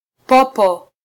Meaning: 1. bat (flying mammal) 2. a traitor
- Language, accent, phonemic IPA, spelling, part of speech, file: Swahili, Kenya, /ˈpɔ.pɔ/, popo, noun, Sw-ke-popo.flac